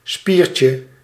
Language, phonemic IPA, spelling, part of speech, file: Dutch, /ˈspircə/, spiertje, noun, Nl-spiertje.ogg
- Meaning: diminutive of spier